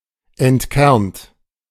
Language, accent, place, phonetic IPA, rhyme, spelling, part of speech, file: German, Germany, Berlin, [ɛntˈkɛʁnt], -ɛʁnt, entkernt, verb, De-entkernt.ogg
- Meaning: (verb) past participle of entkernen; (adjective) seedless